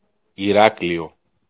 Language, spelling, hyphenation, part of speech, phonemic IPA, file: Greek, Ηράκλειο, Η‧ρά‧κλει‧ο, proper noun, /iˈraklio/, El-Ηράκλειο.ogg
- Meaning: 1. Heraklion (the capital of the regional unit of Heraklion and of the region of Crete, Greece) 2. Heraklion (a regional unit in central Crete, Greece)